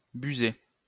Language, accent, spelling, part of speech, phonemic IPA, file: French, France, buser, verb, /by.ze/, LL-Q150 (fra)-buser.wav
- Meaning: to fail (a test, exam)